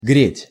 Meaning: to heat (to cause an increase in temperature of an object or space)
- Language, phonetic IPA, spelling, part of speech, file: Russian, [ɡrʲetʲ], греть, verb, Ru-греть.ogg